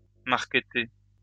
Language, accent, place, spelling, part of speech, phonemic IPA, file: French, France, Lyon, marketer, verb, /maʁ.kə.te/, LL-Q150 (fra)-marketer.wav
- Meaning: to market